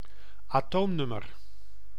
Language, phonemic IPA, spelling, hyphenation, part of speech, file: Dutch, /ɑˈtoːmnʏmər/, atoomnummer, atoom‧num‧mer, noun, Nl-atoomnummer.ogg
- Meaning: an atomic number, an element's number of protons and hence position in the periodic table